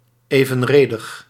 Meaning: proportional
- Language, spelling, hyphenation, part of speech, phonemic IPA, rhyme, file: Dutch, evenredig, even‧re‧dig, adjective, /ˌeː.və(n)ˈreː.dəx/, -eːdəx, Nl-evenredig.ogg